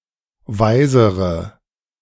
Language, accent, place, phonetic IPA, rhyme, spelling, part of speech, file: German, Germany, Berlin, [ˈvaɪ̯zəʁə], -aɪ̯zəʁə, weisere, adjective, De-weisere.ogg
- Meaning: inflection of weise: 1. strong/mixed nominative/accusative feminine singular comparative degree 2. strong nominative/accusative plural comparative degree